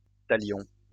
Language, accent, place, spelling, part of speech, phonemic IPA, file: French, France, Lyon, talion, noun, /ta.ljɔ̃/, LL-Q150 (fra)-talion.wav
- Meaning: 1. retaliation 2. a punishment equal to the injury sustained